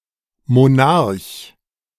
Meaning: monarch (head of state in a monarchy)
- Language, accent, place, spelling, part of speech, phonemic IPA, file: German, Germany, Berlin, Monarch, noun, /moˈnaʁç/, De-Monarch.ogg